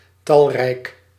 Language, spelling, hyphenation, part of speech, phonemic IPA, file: Dutch, talrijk, tal‧rijk, adjective, /ˈtɑl.rɛi̯k/, Nl-talrijk.ogg
- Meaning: numerous